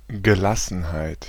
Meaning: 1. serenity, calm, tranquillity, repose 2. poise, equanimity
- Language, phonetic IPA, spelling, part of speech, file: German, [ɡəˈlasn̩haɪ̯t], Gelassenheit, noun, De-Gelassenheit.ogg